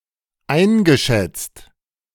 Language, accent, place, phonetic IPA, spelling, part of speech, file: German, Germany, Berlin, [ˈaɪ̯nɡəˌʃɛt͡st], eingeschätzt, verb, De-eingeschätzt.ogg
- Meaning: past participle of einschätzen